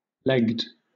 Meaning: simple past and past participle of leg
- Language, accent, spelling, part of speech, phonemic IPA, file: English, Southern England, legged, verb, /ˈlɛɡd/, LL-Q1860 (eng)-legged.wav